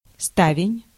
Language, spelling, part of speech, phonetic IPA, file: Russian, ставень, noun, [ˈstavʲɪnʲ], Ru-ставень.ogg
- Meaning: shutter (protective panels over windows)